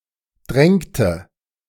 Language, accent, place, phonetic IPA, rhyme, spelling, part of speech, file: German, Germany, Berlin, [ˈdʁɛŋtə], -ɛŋtə, drängte, verb, De-drängte.ogg
- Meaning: inflection of drängen: 1. first/third-person singular preterite 2. first/third-person singular subjunctive II